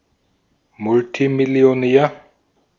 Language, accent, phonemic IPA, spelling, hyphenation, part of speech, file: German, Austria, /ˈmʊltimɪli̯oˌnɛːɐ̯/, Multimillionär, Mul‧ti‧mil‧li‧o‧när, noun, De-at-Multimillionär.ogg
- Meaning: multimillionaire